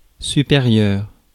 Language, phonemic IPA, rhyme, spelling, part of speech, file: French, /sy.pe.ʁjœʁ/, -jœʁ, supérieur, adjective / noun, Fr-supérieur.ogg
- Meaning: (adjective) 1. superior 2. upper, senior 3. above; higher than 4. greater than or equal to. ≥, ⩾; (noun) senior (boss)